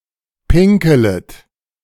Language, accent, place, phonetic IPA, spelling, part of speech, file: German, Germany, Berlin, [ˈpɪŋkl̩ət], pinkelet, verb, De-pinkelet.ogg
- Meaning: second-person plural subjunctive I of pinkeln